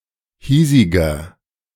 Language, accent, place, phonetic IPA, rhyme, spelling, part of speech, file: German, Germany, Berlin, [ˈhiːzɪɡɐ], -iːzɪɡɐ, hiesiger, adjective, De-hiesiger.ogg
- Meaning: inflection of hiesig: 1. strong/mixed nominative masculine singular 2. strong genitive/dative feminine singular 3. strong genitive plural